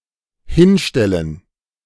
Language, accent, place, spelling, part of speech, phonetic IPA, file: German, Germany, Berlin, hinstellen, verb, [ˈhɪnˌʃtɛlən], De-hinstellen.ogg
- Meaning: 1. to put down 2. to describe 3. to build 4. to stand; to park 5. to present oneself (as), pretend (to be), to make oneself out (to be)